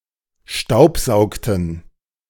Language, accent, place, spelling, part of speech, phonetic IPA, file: German, Germany, Berlin, staubsaugten, verb, [ˈʃtaʊ̯pˌzaʊ̯ktn̩], De-staubsaugten.ogg
- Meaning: inflection of staubsaugen: 1. first/third-person plural preterite 2. first/third-person plural subjunctive II